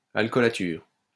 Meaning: tincture
- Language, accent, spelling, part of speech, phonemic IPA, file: French, France, alcoolature, noun, /al.kɔ.la.tyʁ/, LL-Q150 (fra)-alcoolature.wav